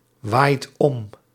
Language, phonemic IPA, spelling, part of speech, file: Dutch, /ˈwajt ˈɔm/, waait om, verb, Nl-waait om.ogg
- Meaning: inflection of omwaaien: 1. second/third-person singular present indicative 2. plural imperative